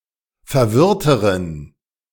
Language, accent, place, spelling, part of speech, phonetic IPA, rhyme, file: German, Germany, Berlin, verwirrteren, adjective, [fɛɐ̯ˈvɪʁtəʁən], -ɪʁtəʁən, De-verwirrteren.ogg
- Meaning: inflection of verwirrt: 1. strong genitive masculine/neuter singular comparative degree 2. weak/mixed genitive/dative all-gender singular comparative degree